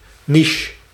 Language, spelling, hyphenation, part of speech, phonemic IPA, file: Dutch, niche, ni‧che, noun, /niʃ/, Nl-niche.ogg
- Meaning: a niche